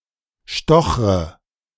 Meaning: inflection of stochern: 1. first-person singular present 2. first/third-person singular subjunctive I 3. singular imperative
- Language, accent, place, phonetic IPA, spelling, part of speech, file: German, Germany, Berlin, [ˈʃtɔxʁə], stochre, verb, De-stochre.ogg